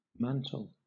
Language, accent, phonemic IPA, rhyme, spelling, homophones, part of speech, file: English, Southern England, /ˈmæn.təl/, -æntəl, mantel, mantle, noun / verb, LL-Q1860 (eng)-mantel.wav
- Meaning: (noun) 1. The shelf above a fireplace which may be also a structural support for the masonry of the chimney 2. A maneuver to surmount a ledge, involving pushing down on the ledge to bring up the body